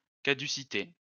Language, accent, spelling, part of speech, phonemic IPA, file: French, France, caducité, noun, /ka.dy.si.te/, LL-Q150 (fra)-caducité.wav
- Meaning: 1. caducity 2. transience